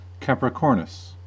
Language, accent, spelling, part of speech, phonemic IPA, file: English, US, Capricornus, proper noun, /ˌkæpɹɪˈkɔːɹnəs/, En-us-Capricornus.ogg
- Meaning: 1. A constellation of the zodiac traditionally figured in the shape of a goat or the mythical sea goat (upper half goat, lower half fish) 2. Capricorn, one of the signs